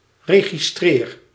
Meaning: inflection of registreren: 1. first-person singular present indicative 2. second-person singular present indicative 3. imperative
- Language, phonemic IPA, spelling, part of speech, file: Dutch, /ˌreɣiˈstrɪːr/, registreer, verb, Nl-registreer.ogg